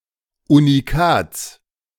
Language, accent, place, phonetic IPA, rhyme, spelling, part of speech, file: German, Germany, Berlin, [uniˈkaːt͡s], -aːt͡s, Unikats, noun, De-Unikats.ogg
- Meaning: genitive singular of Unikat